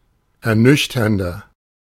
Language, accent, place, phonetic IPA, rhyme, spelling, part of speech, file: German, Germany, Berlin, [ɛɐ̯ˈnʏçtɐndɐ], -ʏçtɐndɐ, ernüchternder, adjective, De-ernüchternder.ogg
- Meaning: 1. comparative degree of ernüchternd 2. inflection of ernüchternd: strong/mixed nominative masculine singular 3. inflection of ernüchternd: strong genitive/dative feminine singular